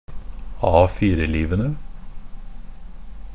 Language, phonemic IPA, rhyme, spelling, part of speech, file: Norwegian Bokmål, /ˈɑːfiːrəliːʋənə/, -ənə, A4-livene, noun, NB - Pronunciation of Norwegian Bokmål «A4-livene».ogg
- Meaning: definite plural of A4-liv